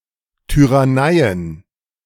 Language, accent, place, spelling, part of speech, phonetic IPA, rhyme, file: German, Germany, Berlin, Tyranneien, noun, [ˌtyʁaˈnaɪ̯ən], -aɪ̯ən, De-Tyranneien.ogg
- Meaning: plural of Tyrannei